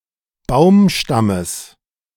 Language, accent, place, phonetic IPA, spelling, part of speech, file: German, Germany, Berlin, [ˈbaʊ̯mˌʃtaməs], Baumstammes, noun, De-Baumstammes.ogg
- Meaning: genitive singular of Baumstamm